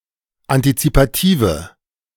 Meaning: inflection of antizipativ: 1. strong/mixed nominative/accusative feminine singular 2. strong nominative/accusative plural 3. weak nominative all-gender singular
- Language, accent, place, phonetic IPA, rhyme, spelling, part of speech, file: German, Germany, Berlin, [antit͡sipaˈtiːvə], -iːvə, antizipative, adjective, De-antizipative.ogg